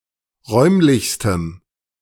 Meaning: strong dative masculine/neuter singular superlative degree of räumlich
- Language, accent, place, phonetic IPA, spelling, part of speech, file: German, Germany, Berlin, [ˈʁɔɪ̯mlɪçstəm], räumlichstem, adjective, De-räumlichstem.ogg